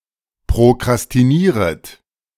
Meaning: second-person plural subjunctive I of prokrastinieren
- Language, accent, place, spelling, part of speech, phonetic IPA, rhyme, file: German, Germany, Berlin, prokrastinieret, verb, [pʁokʁastiˈniːʁət], -iːʁət, De-prokrastinieret.ogg